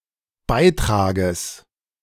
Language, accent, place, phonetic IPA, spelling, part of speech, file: German, Germany, Berlin, [ˈbaɪ̯ˌtʁaːɡəs], Beitrages, noun, De-Beitrages.ogg
- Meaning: genitive singular of Beitrag